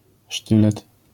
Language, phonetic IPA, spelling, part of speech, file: Polish, [ˈʃtɨlɛt], sztylet, noun, LL-Q809 (pol)-sztylet.wav